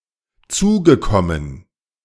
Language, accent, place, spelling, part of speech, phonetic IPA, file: German, Germany, Berlin, zugekommen, verb, [ˈt͡suːɡəˌkɔmən], De-zugekommen.ogg
- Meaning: past participle of zukommen